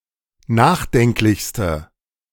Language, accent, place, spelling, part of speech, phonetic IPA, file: German, Germany, Berlin, nachdenklichste, adjective, [ˈnaːxˌdɛŋklɪçstə], De-nachdenklichste.ogg
- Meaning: inflection of nachdenklich: 1. strong/mixed nominative/accusative feminine singular superlative degree 2. strong nominative/accusative plural superlative degree